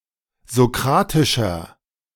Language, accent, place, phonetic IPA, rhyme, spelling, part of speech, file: German, Germany, Berlin, [zoˈkʁaːtɪʃɐ], -aːtɪʃɐ, sokratischer, adjective, De-sokratischer.ogg
- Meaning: inflection of sokratisch: 1. strong/mixed nominative masculine singular 2. strong genitive/dative feminine singular 3. strong genitive plural